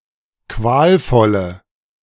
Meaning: inflection of qualvoll: 1. strong/mixed nominative/accusative feminine singular 2. strong nominative/accusative plural 3. weak nominative all-gender singular
- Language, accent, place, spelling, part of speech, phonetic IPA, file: German, Germany, Berlin, qualvolle, adjective, [ˈkvaːlˌfɔlə], De-qualvolle.ogg